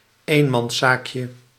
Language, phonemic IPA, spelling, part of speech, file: Dutch, /ˈemɑnˌsakjə/, eenmanszaakje, noun, Nl-eenmanszaakje.ogg
- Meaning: diminutive of eenmanszaak